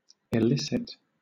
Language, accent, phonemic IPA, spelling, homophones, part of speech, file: English, Southern England, /ɪˈlɪsɪt/, illicit, elicit, adjective / noun, LL-Q1860 (eng)-illicit.wav
- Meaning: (adjective) 1. Not approved by law, but not invalid 2. Breaking social norms 3. Unlawful; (noun) A banned or unlawful item